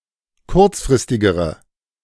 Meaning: inflection of kurzfristig: 1. strong/mixed nominative/accusative feminine singular comparative degree 2. strong nominative/accusative plural comparative degree
- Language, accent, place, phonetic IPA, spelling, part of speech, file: German, Germany, Berlin, [ˈkʊʁt͡sfʁɪstɪɡəʁə], kurzfristigere, adjective, De-kurzfristigere.ogg